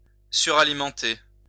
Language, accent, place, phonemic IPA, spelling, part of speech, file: French, France, Lyon, /sy.ʁa.li.mɑ̃.te/, suralimenter, verb, LL-Q150 (fra)-suralimenter.wav
- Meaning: to overfeed